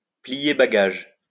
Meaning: to pack one's bags, to up sticks, to leave, to move, to go away
- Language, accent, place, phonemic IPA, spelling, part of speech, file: French, France, Lyon, /pli.je ba.ɡaʒ/, plier bagage, verb, LL-Q150 (fra)-plier bagage.wav